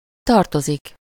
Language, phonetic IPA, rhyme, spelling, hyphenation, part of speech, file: Hungarian, [ˈtɒrtozik], -ozik, tartozik, tar‧to‧zik, verb / noun, Hu-tartozik.ogg
- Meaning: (verb) 1. to belong to someone or something, appertain (-hoz/-hez/-höz) 2. to fall under something (-ba/-be), be classed among, be categorized among 3. to owe someone (-nak/-nek) something (-val/-vel)